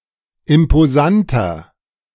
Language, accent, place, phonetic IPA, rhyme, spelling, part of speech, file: German, Germany, Berlin, [ɪmpoˈzantɐ], -antɐ, imposanter, adjective, De-imposanter.ogg
- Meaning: 1. comparative degree of imposant 2. inflection of imposant: strong/mixed nominative masculine singular 3. inflection of imposant: strong genitive/dative feminine singular